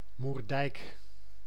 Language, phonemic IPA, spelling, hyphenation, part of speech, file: Dutch, /murˈdɛi̯k/, Moerdijk, Moer‧dijk, proper noun, Nl-Moerdijk.ogg
- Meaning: 1. Moerdijk (a village and municipality of North Brabant, Netherlands) 2. part of the Hollands Diep at the village of Moerdijk